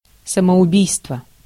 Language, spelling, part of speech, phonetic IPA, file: Russian, самоубийство, noun, [səməʊˈbʲijstvə], Ru-самоубийство.ogg
- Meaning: suicide